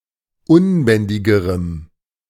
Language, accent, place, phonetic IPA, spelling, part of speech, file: German, Germany, Berlin, [ˈʊnˌbɛndɪɡəʁəm], unbändigerem, adjective, De-unbändigerem.ogg
- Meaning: strong dative masculine/neuter singular comparative degree of unbändig